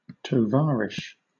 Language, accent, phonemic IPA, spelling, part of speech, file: English, Southern England, /tɒˈvɑːɹɪʃ/, tovarish, noun, LL-Q1860 (eng)-tovarish.wav
- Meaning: Comrade, especially with reference to the former USSR